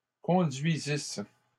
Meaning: first-person singular imperfect subjunctive of conduire
- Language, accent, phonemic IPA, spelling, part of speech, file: French, Canada, /kɔ̃.dɥi.zis/, conduisisse, verb, LL-Q150 (fra)-conduisisse.wav